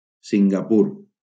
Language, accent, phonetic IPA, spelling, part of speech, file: Catalan, Valencia, [siŋ.ɡaˈpur], Singapur, proper noun, LL-Q7026 (cat)-Singapur.wav
- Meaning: Singapore (an island and city-state in Southeast Asia, located off the southernmost tip of the Malay Peninsula; a former British crown colony and state of Malaysia (1963-1965))